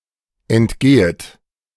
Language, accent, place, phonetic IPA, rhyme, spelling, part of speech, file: German, Germany, Berlin, [ɛntˈɡeːət], -eːət, entgehet, verb, De-entgehet.ogg
- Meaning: second-person plural subjunctive I of entgehen